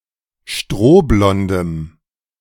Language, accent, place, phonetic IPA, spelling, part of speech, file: German, Germany, Berlin, [ˈʃtʁoːˌblɔndəm], strohblondem, adjective, De-strohblondem.ogg
- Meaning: strong dative masculine/neuter singular of strohblond